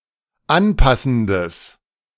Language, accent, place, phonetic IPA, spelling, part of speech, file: German, Germany, Berlin, [ˈanˌpasn̩dəs], anpassendes, adjective, De-anpassendes.ogg
- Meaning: strong/mixed nominative/accusative neuter singular of anpassend